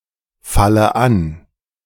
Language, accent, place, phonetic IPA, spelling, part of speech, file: German, Germany, Berlin, [ˌfalə ˈan], falle an, verb, De-falle an.ogg
- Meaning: inflection of anfallen: 1. first-person singular present 2. first/third-person singular subjunctive I 3. singular imperative